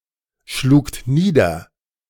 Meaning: second-person plural preterite of niederschlagen
- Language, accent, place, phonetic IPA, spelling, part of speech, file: German, Germany, Berlin, [ˌʃluːkt ˈniːdɐ], schlugt nieder, verb, De-schlugt nieder.ogg